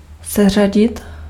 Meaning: to sort (to arrange in order)
- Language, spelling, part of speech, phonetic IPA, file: Czech, seřadit, verb, [ˈsɛr̝aɟɪt], Cs-seřadit.ogg